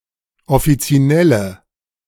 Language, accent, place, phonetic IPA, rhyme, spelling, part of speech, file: German, Germany, Berlin, [ɔfit͡siˈnɛlə], -ɛlə, offizinelle, adjective, De-offizinelle.ogg
- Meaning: inflection of offizinell: 1. strong/mixed nominative/accusative feminine singular 2. strong nominative/accusative plural 3. weak nominative all-gender singular